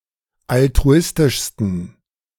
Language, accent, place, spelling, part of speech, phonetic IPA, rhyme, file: German, Germany, Berlin, altruistischsten, adjective, [altʁuˈɪstɪʃstn̩], -ɪstɪʃstn̩, De-altruistischsten.ogg
- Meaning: 1. superlative degree of altruistisch 2. inflection of altruistisch: strong genitive masculine/neuter singular superlative degree